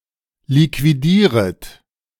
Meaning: second-person plural subjunctive I of liquidieren
- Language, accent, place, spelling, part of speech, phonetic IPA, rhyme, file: German, Germany, Berlin, liquidieret, verb, [likviˈdiːʁət], -iːʁət, De-liquidieret.ogg